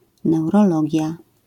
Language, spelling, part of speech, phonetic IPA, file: Polish, neurologia, noun, [ˌnɛwrɔˈlɔɟja], LL-Q809 (pol)-neurologia.wav